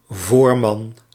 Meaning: 1. supervisor, foreman, ganger 2. leader, frontman 3. boss, head of a company 4. previous husband, former husband
- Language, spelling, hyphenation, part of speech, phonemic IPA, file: Dutch, voorman, voor‧man, noun, /ˈvoːr.mɑn/, Nl-voorman.ogg